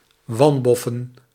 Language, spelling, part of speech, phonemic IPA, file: Dutch, wanboffen, verb / noun, /ˈwɑmbɔfə(n)/, Nl-wanboffen.ogg
- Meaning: to have bad luck